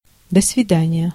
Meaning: goodbye, see you later
- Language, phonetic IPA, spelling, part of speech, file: Russian, [də‿svʲɪˈdanʲɪjə], до свидания, interjection, Ru-до свидания.ogg